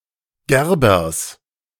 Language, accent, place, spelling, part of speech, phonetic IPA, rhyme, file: German, Germany, Berlin, Gerbers, noun, [ˈɡɛʁbɐs], -ɛʁbɐs, De-Gerbers.ogg
- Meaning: genitive singular of Gerber